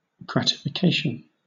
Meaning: 1. The act of gratifying or pleasing, either the mind, or the appetite or taste 2. A gratuity; a reward 3. A feeling of pleasure; satisfaction
- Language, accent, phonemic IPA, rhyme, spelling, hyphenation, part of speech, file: English, Southern England, /ˌɡɹætɪfɪˈkeɪʃən/, -eɪʃən, gratification, grat‧i‧fi‧ca‧tion, noun, LL-Q1860 (eng)-gratification.wav